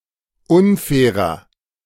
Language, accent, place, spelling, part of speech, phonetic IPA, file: German, Germany, Berlin, unfairer, adjective, [ˈʊnˌfɛːʁɐ], De-unfairer.ogg
- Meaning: 1. comparative degree of unfair 2. inflection of unfair: strong/mixed nominative masculine singular 3. inflection of unfair: strong genitive/dative feminine singular